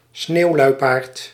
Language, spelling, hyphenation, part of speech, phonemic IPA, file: Dutch, sneeuwluipaard, sneeuw‧lui‧paard, noun, /ˈsneːu̯ˌlœy̯.paːrt/, Nl-sneeuwluipaard.ogg
- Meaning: synonym of sneeuwpanter (“snow leopard, snow panther, Uncia uncia”)